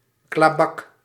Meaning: cop, pig: synonym of politieagent (“police officer”)
- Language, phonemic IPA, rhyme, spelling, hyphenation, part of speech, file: Dutch, /klaːˈbɑk/, -ɑk, klabak, kla‧bak, noun, Nl-klabak.ogg